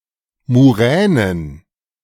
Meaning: plural of Muräne
- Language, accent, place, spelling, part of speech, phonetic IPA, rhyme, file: German, Germany, Berlin, Muränen, noun, [muˈʁɛːnən], -ɛːnən, De-Muränen.ogg